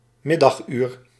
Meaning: 1. midday, noon (12 PM) 2. hour in the afternoon
- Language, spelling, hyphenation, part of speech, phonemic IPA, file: Dutch, middaguur, mid‧dag‧uur, noun, /ˈmɪ.dɑxˌyːr/, Nl-middaguur.ogg